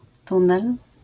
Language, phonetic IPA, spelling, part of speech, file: Polish, [ˈtũnɛl], tunel, noun, LL-Q809 (pol)-tunel.wav